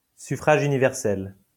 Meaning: universal suffrage
- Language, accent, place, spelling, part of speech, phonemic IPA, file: French, France, Lyon, suffrage universel, noun, /sy.fʁaʒ y.ni.vɛʁ.sɛl/, LL-Q150 (fra)-suffrage universel.wav